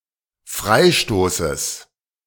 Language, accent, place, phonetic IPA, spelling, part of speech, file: German, Germany, Berlin, [ˈfʁaɪ̯ˌʃtoːsəs], Freistoßes, noun, De-Freistoßes.ogg
- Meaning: genitive singular of Freistoß